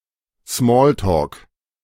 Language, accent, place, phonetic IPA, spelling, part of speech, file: German, Germany, Berlin, [ˈsmoːltoːk], Small Talk, noun, De-Small Talk.ogg
- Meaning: alternative spelling of Smalltalk